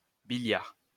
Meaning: quadrillion (10¹⁵)
- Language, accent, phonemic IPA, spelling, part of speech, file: French, France, /bi.ljaʁ/, billiard, numeral, LL-Q150 (fra)-billiard.wav